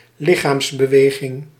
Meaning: 1. physical exercise 2. body movement
- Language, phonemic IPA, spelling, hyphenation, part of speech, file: Dutch, /ˈlɪxamsbəˌweɣɪŋ/, lichaamsbeweging, li‧chaams‧be‧we‧ging, noun, Nl-lichaamsbeweging.ogg